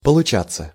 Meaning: 1. to come out, to arrive 2. to result 3. to prove, to turn out 4. to work out well, to manage, to come along 5. passive of получа́ть (polučátʹ)
- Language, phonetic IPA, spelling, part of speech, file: Russian, [pəɫʊˈt͡ɕat͡sːə], получаться, verb, Ru-получаться.ogg